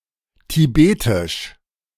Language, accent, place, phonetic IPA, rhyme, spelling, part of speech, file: German, Germany, Berlin, [tiˈbeːtɪʃ], -eːtɪʃ, tibetisch, adjective, De-tibetisch.ogg
- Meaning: of Tibet; Tibetan